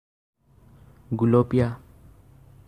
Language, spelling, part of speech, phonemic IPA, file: Assamese, গুলপীয়া, adjective, /ɡu.lɔ.piɑ/, As-গুলপীয়া.ogg
- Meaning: 1. pink 2. rosish